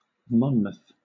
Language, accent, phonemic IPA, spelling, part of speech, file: English, Southern England, /ˈmɒnməθ/, Monmouth, proper noun, LL-Q1860 (eng)-Monmouth.wav
- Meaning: 1. A town and community with a town council in Monmouthshire, Wales (OS grid ref SO5012) 2. A number of places in the United States: A census-designated place in Fresno County, California